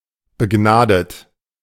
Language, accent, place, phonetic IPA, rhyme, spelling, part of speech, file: German, Germany, Berlin, [bəˈɡnaːdət], -aːdət, begnadet, adjective / verb, De-begnadet.ogg
- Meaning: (verb) past participle of begnaden; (adjective) gifted, talented